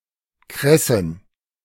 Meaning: plural of Kresse
- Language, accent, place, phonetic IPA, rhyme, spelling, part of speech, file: German, Germany, Berlin, [ˈkʁɛsn̩], -ɛsn̩, Kressen, noun, De-Kressen.ogg